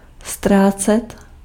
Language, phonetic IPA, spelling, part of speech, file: Czech, [ˈstraːt͡sɛt], ztrácet, verb, Cs-ztrácet.ogg
- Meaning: 1. to lose 2. to lose, to waste 3. to be lagging behind 4. to fade away, to wear off